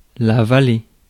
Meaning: valley
- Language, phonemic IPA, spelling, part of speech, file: French, /va.le/, vallée, noun, Fr-vallée.ogg